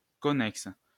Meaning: 1. closely related 2. connected
- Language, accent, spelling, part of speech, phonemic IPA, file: French, France, connexe, adjective, /kɔ.nɛks/, LL-Q150 (fra)-connexe.wav